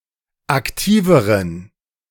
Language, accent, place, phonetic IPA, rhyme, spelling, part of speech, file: German, Germany, Berlin, [akˈtiːvəʁən], -iːvəʁən, aktiveren, adjective, De-aktiveren.ogg
- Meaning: inflection of aktiv: 1. strong genitive masculine/neuter singular comparative degree 2. weak/mixed genitive/dative all-gender singular comparative degree